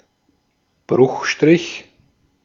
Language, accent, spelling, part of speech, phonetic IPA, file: German, Austria, Bruchstrich, noun, [ˈbʁʊxˌʃtʁɪç], De-at-Bruchstrich.ogg
- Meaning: 1. slash 2. fraction slash; fraction bar